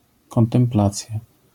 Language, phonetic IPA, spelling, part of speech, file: Polish, [ˌkɔ̃ntɛ̃mˈplat͡sʲja], kontemplacja, noun, LL-Q809 (pol)-kontemplacja.wav